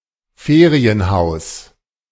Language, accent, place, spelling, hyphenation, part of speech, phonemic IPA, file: German, Germany, Berlin, Ferienhaus, Fe‧ri‧en‧haus, noun, /ˈfeːʁiənˌhaʊ̯s/, De-Ferienhaus.ogg
- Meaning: holiday home